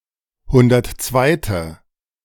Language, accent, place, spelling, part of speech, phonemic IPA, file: German, Germany, Berlin, hundertzweite, adjective, /ˈhʊndɐtˈt͡svaɪ̯tə/, De-hundertzweite.ogg
- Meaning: alternative form of hundertundzweite